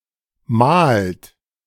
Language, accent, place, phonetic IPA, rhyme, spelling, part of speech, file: German, Germany, Berlin, [maːlt], -aːlt, mahlt, verb, De-mahlt.ogg
- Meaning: inflection of mahlen: 1. third-person singular present 2. second-person plural present 3. plural imperative